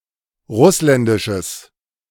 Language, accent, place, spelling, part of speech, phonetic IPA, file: German, Germany, Berlin, russländisches, adjective, [ˈʁʊslɛndɪʃəs], De-russländisches.ogg
- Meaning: strong/mixed nominative/accusative neuter singular of russländisch